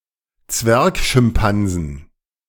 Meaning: 1. genitive singular of Zwergschimpanse 2. plural of Zwergschimpanse
- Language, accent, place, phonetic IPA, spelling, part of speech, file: German, Germany, Berlin, [ˈt͡svɛʁkʃɪmˌpanzn̩], Zwergschimpansen, noun, De-Zwergschimpansen.ogg